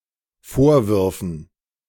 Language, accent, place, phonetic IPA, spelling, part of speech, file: German, Germany, Berlin, [ˈfoːɐ̯ˌvʏʁfn̩], Vorwürfen, noun, De-Vorwürfen.ogg
- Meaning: dative plural of Vorwurf